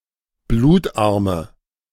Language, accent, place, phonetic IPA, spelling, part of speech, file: German, Germany, Berlin, [ˈbluːtˌʔaʁmə], blutarme, adjective, De-blutarme.ogg
- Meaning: inflection of blutarm: 1. strong/mixed nominative/accusative feminine singular 2. strong nominative/accusative plural 3. weak nominative all-gender singular 4. weak accusative feminine/neuter singular